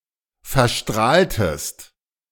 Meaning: inflection of verstrahlen: 1. second-person singular preterite 2. second-person singular subjunctive II
- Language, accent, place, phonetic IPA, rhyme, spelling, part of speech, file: German, Germany, Berlin, [fɛɐ̯ˈʃtʁaːltəst], -aːltəst, verstrahltest, verb, De-verstrahltest.ogg